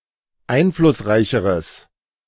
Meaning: strong/mixed nominative/accusative neuter singular comparative degree of einflussreich
- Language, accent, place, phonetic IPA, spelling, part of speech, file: German, Germany, Berlin, [ˈaɪ̯nflʊsˌʁaɪ̯çəʁəs], einflussreicheres, adjective, De-einflussreicheres.ogg